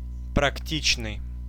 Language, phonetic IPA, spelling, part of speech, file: Russian, [prɐkˈtʲit͡ɕnɨj], практичный, adjective, Ru-практичный.ogg
- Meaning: 1. practical (having skills or knowledge that are practical) 2. usable